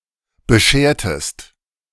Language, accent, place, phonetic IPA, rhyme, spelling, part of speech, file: German, Germany, Berlin, [bəˈʃeːɐ̯təst], -eːɐ̯təst, beschertest, verb, De-beschertest.ogg
- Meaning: inflection of bescheren: 1. second-person singular preterite 2. second-person singular subjunctive II